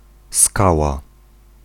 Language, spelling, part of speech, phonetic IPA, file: Polish, skała, noun, [ˈskawa], Pl-skała.ogg